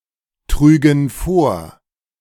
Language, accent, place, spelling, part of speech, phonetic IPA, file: German, Germany, Berlin, trügen vor, verb, [ˌtʁyːɡn̩ ˈfoːɐ̯], De-trügen vor.ogg
- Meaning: first/third-person plural subjunctive II of vortragen